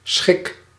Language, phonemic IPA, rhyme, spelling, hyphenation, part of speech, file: Dutch, /sxɪk/, -ɪk, schik, schik, noun / verb, Nl-schik.ogg
- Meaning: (noun) a state of pleasure; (verb) inflection of schikken: 1. first-person singular present indicative 2. second-person singular present indicative 3. imperative